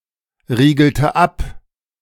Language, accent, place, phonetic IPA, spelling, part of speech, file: German, Germany, Berlin, [ˌʁiːɡl̩tə ˈap], riegelte ab, verb, De-riegelte ab.ogg
- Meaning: inflection of abriegeln: 1. first/third-person singular preterite 2. first/third-person singular subjunctive II